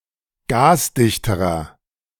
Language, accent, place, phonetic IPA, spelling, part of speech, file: German, Germany, Berlin, [ˈɡaːsˌdɪçtəʁɐ], gasdichterer, adjective, De-gasdichterer.ogg
- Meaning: inflection of gasdicht: 1. strong/mixed nominative masculine singular comparative degree 2. strong genitive/dative feminine singular comparative degree 3. strong genitive plural comparative degree